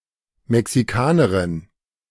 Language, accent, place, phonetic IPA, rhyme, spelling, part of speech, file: German, Germany, Berlin, [mɛksiˈkaːnəʁɪn], -aːnəʁɪn, Mexikanerin, noun, De-Mexikanerin.ogg
- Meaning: Mexican (female person from Mexico or of Mexican descent)